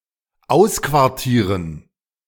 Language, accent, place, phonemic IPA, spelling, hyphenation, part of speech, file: German, Germany, Berlin, /ˈaʊ̯skvaʁˌtiːʁən/, ausquartieren, aus‧quar‧tie‧ren, verb, De-ausquartieren.ogg
- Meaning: to evict (from a quarter)